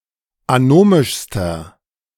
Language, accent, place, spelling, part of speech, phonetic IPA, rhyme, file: German, Germany, Berlin, anomischster, adjective, [aˈnoːmɪʃstɐ], -oːmɪʃstɐ, De-anomischster.ogg
- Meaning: inflection of anomisch: 1. strong/mixed nominative masculine singular superlative degree 2. strong genitive/dative feminine singular superlative degree 3. strong genitive plural superlative degree